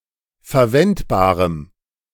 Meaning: strong dative masculine/neuter singular of verwendbar
- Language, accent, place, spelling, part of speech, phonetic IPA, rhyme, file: German, Germany, Berlin, verwendbarem, adjective, [fɛɐ̯ˈvɛntbaːʁəm], -ɛntbaːʁəm, De-verwendbarem.ogg